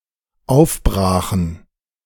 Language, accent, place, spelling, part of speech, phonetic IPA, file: German, Germany, Berlin, aufbrachen, verb, [ˈaʊ̯fˌbʁaːxn̩], De-aufbrachen.ogg
- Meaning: first/third-person plural dependent preterite of aufbrechen